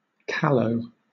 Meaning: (adjective) 1. Immature, inexperienced, or naive 2. Having no hair; bald, bare, hairless 3. Of a brick: unburnt
- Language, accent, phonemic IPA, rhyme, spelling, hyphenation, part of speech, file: English, Southern England, /ˈkæləʊ/, -æləʊ, callow, cal‧low, adjective / noun, LL-Q1860 (eng)-callow.wav